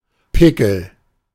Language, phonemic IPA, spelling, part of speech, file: German, /ˈpɪkəl/, Pickel, noun, De-Pickel.ogg
- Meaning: pickaxe, icepick